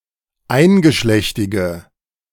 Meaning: inflection of eingeschlechtig: 1. strong/mixed nominative/accusative feminine singular 2. strong nominative/accusative plural 3. weak nominative all-gender singular
- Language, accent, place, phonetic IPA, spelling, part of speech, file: German, Germany, Berlin, [ˈaɪ̯nɡəˌʃlɛçtɪɡə], eingeschlechtige, adjective, De-eingeschlechtige.ogg